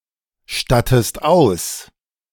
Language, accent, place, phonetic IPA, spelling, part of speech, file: German, Germany, Berlin, [ˌʃtatəst ˈaʊ̯s], stattest aus, verb, De-stattest aus.ogg
- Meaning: inflection of ausstatten: 1. second-person singular present 2. second-person singular subjunctive I